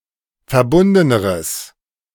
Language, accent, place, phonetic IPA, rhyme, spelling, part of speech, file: German, Germany, Berlin, [fɛɐ̯ˈbʊndənəʁəs], -ʊndənəʁəs, verbundeneres, adjective, De-verbundeneres.ogg
- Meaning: strong/mixed nominative/accusative neuter singular comparative degree of verbunden